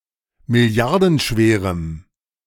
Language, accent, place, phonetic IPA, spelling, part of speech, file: German, Germany, Berlin, [mɪˈli̯aʁdn̩ˌʃveːʁəm], milliardenschwerem, adjective, De-milliardenschwerem.ogg
- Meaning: strong dative masculine/neuter singular of milliardenschwer